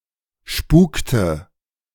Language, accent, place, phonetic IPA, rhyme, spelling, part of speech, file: German, Germany, Berlin, [ˈʃpuːktə], -uːktə, spukte, verb, De-spukte.ogg
- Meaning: inflection of spuken: 1. first/third-person singular preterite 2. first/third-person singular subjunctive II